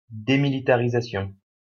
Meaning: demilitarization
- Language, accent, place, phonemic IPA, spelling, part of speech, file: French, France, Lyon, /de.mi.li.ta.ʁi.za.sjɔ̃/, démilitarisation, noun, LL-Q150 (fra)-démilitarisation.wav